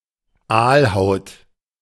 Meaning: eelskin
- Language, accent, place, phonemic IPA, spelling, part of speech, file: German, Germany, Berlin, /ˈaːlˌhaʊ̯t/, Aalhaut, noun, De-Aalhaut.ogg